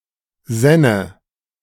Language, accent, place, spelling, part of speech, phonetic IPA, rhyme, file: German, Germany, Berlin, sänne, verb, [ˈzɛnə], -ɛnə, De-sänne.ogg
- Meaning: first/third-person singular subjunctive II of sinnen